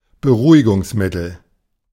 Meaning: sedative
- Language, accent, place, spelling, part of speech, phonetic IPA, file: German, Germany, Berlin, Beruhigungsmittel, noun, [bəˈʁuːɪɡʊŋsˌmɪtl̩], De-Beruhigungsmittel.ogg